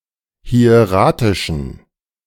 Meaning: inflection of hieratisch: 1. strong genitive masculine/neuter singular 2. weak/mixed genitive/dative all-gender singular 3. strong/weak/mixed accusative masculine singular 4. strong dative plural
- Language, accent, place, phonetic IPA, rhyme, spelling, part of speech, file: German, Germany, Berlin, [hi̯eˈʁaːtɪʃn̩], -aːtɪʃn̩, hieratischen, adjective, De-hieratischen.ogg